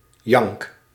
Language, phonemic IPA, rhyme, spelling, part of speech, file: Dutch, /jɑŋk/, -ɑŋk, jank, noun / verb, Nl-jank.ogg
- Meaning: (noun) yowl, howl, cry; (verb) inflection of janken: 1. first-person singular present indicative 2. second-person singular present indicative 3. imperative